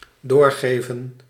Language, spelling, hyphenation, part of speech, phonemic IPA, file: Dutch, doorgeven, door‧ge‧ven, verb, /ˈdoːrɣeːvə(n)/, Nl-doorgeven.ogg
- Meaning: 1. to pass on 2. to relay (a message)